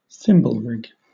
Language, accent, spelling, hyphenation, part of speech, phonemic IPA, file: English, Southern England, thimblerig, thim‧ble‧rig, noun / verb, /ˈθɪmbəlɹɪɡ/, LL-Q1860 (eng)-thimblerig.wav